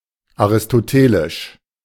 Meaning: of Aristotle; Aristotelian
- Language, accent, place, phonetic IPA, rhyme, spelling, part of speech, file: German, Germany, Berlin, [aʁɪstoˈteːlɪʃ], -eːlɪʃ, aristotelisch, adjective, De-aristotelisch.ogg